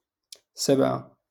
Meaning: seven
- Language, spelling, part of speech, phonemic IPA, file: Moroccan Arabic, سبعة, numeral, /sab.ʕa/, LL-Q56426 (ary)-سبعة.wav